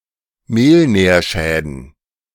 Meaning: plural of Mehlnährschaden
- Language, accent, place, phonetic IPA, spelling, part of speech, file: German, Germany, Berlin, [ˈmeːlˌnɛːɐ̯ʃɛːdn̩], Mehlnährschäden, noun, De-Mehlnährschäden.ogg